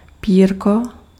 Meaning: 1. diminutive of péro 2. scut
- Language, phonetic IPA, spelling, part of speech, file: Czech, [ˈpiːrko], pírko, noun, Cs-pírko.ogg